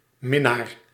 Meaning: lover
- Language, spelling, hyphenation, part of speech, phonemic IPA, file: Dutch, minnaar, min‧naar, noun, /ˈmɪ.naːr/, Nl-minnaar.ogg